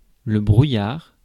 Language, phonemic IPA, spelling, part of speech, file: French, /bʁu.jaʁ/, brouillard, noun, Fr-brouillard.ogg
- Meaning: 1. fog, mist 2. daybook